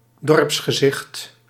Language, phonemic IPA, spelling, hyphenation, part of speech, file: Dutch, /ˈdɔrps.xəˌzɪxt/, dorpsgezicht, dorps‧ge‧zicht, noun, Nl-dorpsgezicht.ogg
- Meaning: a village view, the appearance of the buildings and other elements of a village; particularly as presented in a landscape painting or picture